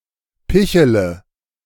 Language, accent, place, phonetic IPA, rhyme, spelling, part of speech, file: German, Germany, Berlin, [ˈpɪçələ], -ɪçələ, pichele, verb, De-pichele.ogg
- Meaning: inflection of picheln: 1. first-person singular present 2. first/third-person singular subjunctive I 3. singular imperative